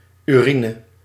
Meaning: urine
- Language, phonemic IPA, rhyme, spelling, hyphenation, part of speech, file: Dutch, /yˈri.nə/, -inə, urine, uri‧ne, noun, Nl-urine.ogg